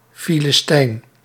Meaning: 1. a Philistine, member of a Biblical non-Semitic people which subdued the Jews in Philistia (hence the name of present Palestine) 2. a philistine, barbarian, heathen
- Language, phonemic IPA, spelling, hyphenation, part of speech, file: Dutch, /filɪsˈtɛin/, Filistijn, Fi‧lis‧tijn, noun, Nl-Filistijn.ogg